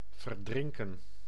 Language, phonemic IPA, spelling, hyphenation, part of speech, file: Dutch, /vərˈdrɪŋ.kə(n)/, verdrinken, ver‧drin‧ken, verb, Nl-verdrinken.ogg
- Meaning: 1. to drown (to (cause to) die of suffocation while submerged) 2. to drown (to submerge completely in liquid) 3. to drown, drown out (to seemingly disappear in a mass)